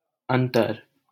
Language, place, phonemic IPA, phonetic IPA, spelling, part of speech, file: Hindi, Delhi, /ən.t̪əɾ/, [ɐ̃n̪.t̪ɐɾ], अंतर, noun, LL-Q1568 (hin)-अंतर.wav
- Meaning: 1. difference, distinction, peculiarity, property 2. distance 3. intervening space or time, interval, midst, spacing 4. separation, gap, opening 5. interior, inside 6. soul, mind, heart